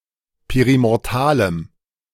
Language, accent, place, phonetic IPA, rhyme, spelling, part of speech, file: German, Germany, Berlin, [ˌpeʁimɔʁˈtaːləm], -aːləm, perimortalem, adjective, De-perimortalem.ogg
- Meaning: strong dative masculine/neuter singular of perimortal